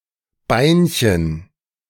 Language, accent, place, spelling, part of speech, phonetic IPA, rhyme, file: German, Germany, Berlin, Beinchen, noun, [ˈbaɪ̯nçən], -aɪ̯nçən, De-Beinchen.ogg
- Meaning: diminutive of Bein